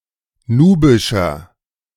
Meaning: inflection of nubisch: 1. strong/mixed nominative masculine singular 2. strong genitive/dative feminine singular 3. strong genitive plural
- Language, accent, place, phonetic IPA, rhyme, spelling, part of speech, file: German, Germany, Berlin, [ˈnuːbɪʃɐ], -uːbɪʃɐ, nubischer, adjective, De-nubischer.ogg